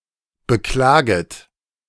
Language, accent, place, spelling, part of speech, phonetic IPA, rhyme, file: German, Germany, Berlin, beklaget, verb, [bəˈklaːɡət], -aːɡət, De-beklaget.ogg
- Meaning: second-person plural subjunctive I of beklagen